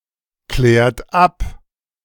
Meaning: inflection of abklären: 1. second-person plural present 2. third-person singular present 3. plural imperative
- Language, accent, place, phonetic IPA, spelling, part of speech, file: German, Germany, Berlin, [ˌklɛːɐ̯t ˈap], klärt ab, verb, De-klärt ab.ogg